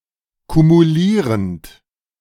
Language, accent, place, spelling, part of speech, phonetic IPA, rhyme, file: German, Germany, Berlin, kumulierend, verb, [kumuˈliːʁənt], -iːʁənt, De-kumulierend.ogg
- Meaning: present participle of kumulieren